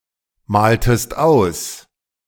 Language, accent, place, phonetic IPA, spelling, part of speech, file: German, Germany, Berlin, [ˌmaːltəst ˈaʊ̯s], maltest aus, verb, De-maltest aus.ogg
- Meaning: inflection of ausmalen: 1. second-person singular preterite 2. second-person singular subjunctive II